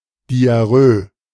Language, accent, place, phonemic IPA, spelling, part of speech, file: German, Germany, Berlin, /diaˈʁøː/, Diarrhö, noun, De-Diarrhö.ogg
- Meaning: diarrhoea/diarrhea